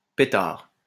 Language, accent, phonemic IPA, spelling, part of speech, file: French, France, /pe.taʁ/, pétard, noun / interjection, LL-Q150 (fra)-pétard.wav
- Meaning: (noun) 1. firecracker (firework) 2. sensational news; scandal 3. joint (marijuana cigarette) 4. revolver 5. buttocks; ass 6. sexy man or woman 7. bright; shiny; eyecatching